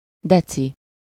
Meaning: deci-
- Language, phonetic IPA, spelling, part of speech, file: Hungarian, [ˈdɛt͡si], deci-, prefix, Hu-deci-.ogg